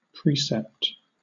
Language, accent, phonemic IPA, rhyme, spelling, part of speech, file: English, Southern England, /ˈpɹiːsɛpt/, -iːsɛpt, precept, noun / verb, LL-Q1860 (eng)-precept.wav
- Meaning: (noun) 1. A rule or principle, especially one governing personal conduct 2. A written command, especially a demand for payment